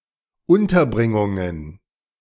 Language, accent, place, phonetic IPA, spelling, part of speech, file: German, Germany, Berlin, [ˈʊntɐˌbʁɪŋʊŋən], Unterbringungen, noun, De-Unterbringungen.ogg
- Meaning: plural of Unterbringung